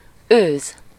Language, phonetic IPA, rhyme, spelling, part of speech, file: Hungarian, [ˈøːz], -øːz, őz, noun, Hu-őz.ogg
- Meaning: roe deer (a small deer species of Europe, Asia Minor, and Caspian coastal regions, Capreolus capreolus)